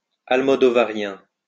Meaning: Almodovarian
- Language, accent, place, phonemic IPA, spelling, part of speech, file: French, France, Lyon, /al.mɔ.dɔ.va.ʁjɛ̃/, almodovarien, adjective, LL-Q150 (fra)-almodovarien.wav